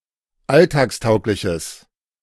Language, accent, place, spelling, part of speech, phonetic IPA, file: German, Germany, Berlin, alltagstaugliches, adjective, [ˈaltaːksˌtaʊ̯klɪçəs], De-alltagstaugliches.ogg
- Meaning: strong/mixed nominative/accusative neuter singular of alltagstauglich